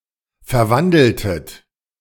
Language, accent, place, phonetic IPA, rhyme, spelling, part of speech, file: German, Germany, Berlin, [fɛɐ̯ˈvandl̩tət], -andl̩tət, verwandeltet, verb, De-verwandeltet.ogg
- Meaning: inflection of verwandeln: 1. second-person plural preterite 2. second-person plural subjunctive II